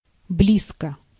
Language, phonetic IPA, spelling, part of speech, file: Russian, [ˈblʲiskə], близко, adverb / adjective, Ru-близко.ogg
- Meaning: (adverb) 1. close, nearby 2. intimately; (adjective) short neuter singular of бли́зкий (blízkij)